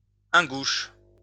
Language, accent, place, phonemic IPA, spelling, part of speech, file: French, France, Lyon, /ɛ̃.ɡuʃ/, ingouche, noun, LL-Q150 (fra)-ingouche.wav
- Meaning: Ingush (Caucasian language)